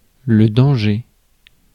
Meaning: 1. danger 2. jeopardy (danger of loss, harm, or failure)
- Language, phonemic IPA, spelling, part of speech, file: French, /dɑ̃.ʒe/, danger, noun, Fr-danger.ogg